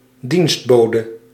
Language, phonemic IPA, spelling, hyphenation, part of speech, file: Dutch, /ˈdinstˌboː.də/, dienstbode, dienst‧bo‧de, noun, Nl-dienstbode.ogg
- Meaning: 1. servant 2. maidservant